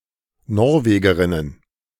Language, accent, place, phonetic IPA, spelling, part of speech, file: German, Germany, Berlin, [ˈnɔʁˌveːɡəʁɪnən], Norwegerinnen, noun, De-Norwegerinnen.ogg
- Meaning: plural of Norwegerin